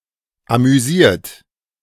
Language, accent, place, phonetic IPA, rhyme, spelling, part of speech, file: German, Germany, Berlin, [amyˈziːɐ̯t], -iːɐ̯t, amüsiert, adjective / verb, De-amüsiert.ogg
- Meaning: 1. past participle of amüsieren 2. inflection of amüsieren: third-person singular present 3. inflection of amüsieren: second-person plural present 4. inflection of amüsieren: plural imperative